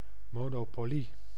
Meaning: a monopoly
- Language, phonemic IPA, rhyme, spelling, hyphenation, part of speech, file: Dutch, /ˌmoː.noːˈpoː.li/, -oːli, monopolie, mo‧no‧po‧lie, noun, Nl-monopolie.ogg